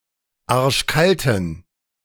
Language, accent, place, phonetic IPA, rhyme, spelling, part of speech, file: German, Germany, Berlin, [ˈaʁʃˈkaltn̩], -altn̩, arschkalten, adjective, De-arschkalten.ogg
- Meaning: inflection of arschkalt: 1. strong genitive masculine/neuter singular 2. weak/mixed genitive/dative all-gender singular 3. strong/weak/mixed accusative masculine singular 4. strong dative plural